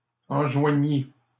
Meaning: third-person singular imperfect subjunctive of enjoindre
- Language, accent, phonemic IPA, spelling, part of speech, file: French, Canada, /ɑ̃.ʒwa.ɲi/, enjoignît, verb, LL-Q150 (fra)-enjoignît.wav